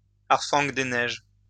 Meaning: snowy owl (Bubo scandiacus)
- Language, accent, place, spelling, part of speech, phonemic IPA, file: French, France, Lyon, harfang des neiges, noun, /aʁ.fɑ̃ de nɛʒ/, LL-Q150 (fra)-harfang des neiges.wav